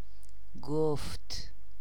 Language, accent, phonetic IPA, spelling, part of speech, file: Persian, Iran, [ɡ̥oft̪ʰ], گفت, verb, Fa-گفت.ogg
- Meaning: third-person singular past of گفتن (goftan)